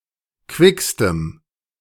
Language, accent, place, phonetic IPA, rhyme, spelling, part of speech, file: German, Germany, Berlin, [ˈkvɪkstəm], -ɪkstəm, quickstem, adjective, De-quickstem.ogg
- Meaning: strong dative masculine/neuter singular superlative degree of quick